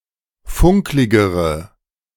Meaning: inflection of funklig: 1. strong/mixed nominative/accusative feminine singular comparative degree 2. strong nominative/accusative plural comparative degree
- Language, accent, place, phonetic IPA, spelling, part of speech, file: German, Germany, Berlin, [ˈfʊŋklɪɡəʁə], funkligere, adjective, De-funkligere.ogg